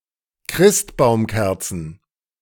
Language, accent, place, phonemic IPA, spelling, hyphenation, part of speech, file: German, Germany, Berlin, /ˈkʁɪstbaʊ̯mˌkɛʁt͡sn̩/, Christbaumkerzen, Christ‧baum‧ker‧zen, noun, De-Christbaumkerzen.ogg
- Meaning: plural of Christbaumkerze